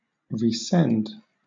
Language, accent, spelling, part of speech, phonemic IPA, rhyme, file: English, Southern England, resend, verb, /ɹiːˈsɛnd/, -ɛnd, LL-Q1860 (eng)-resend.wav
- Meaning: 1. To send again 2. To send back 3. To forward (something received), especially a message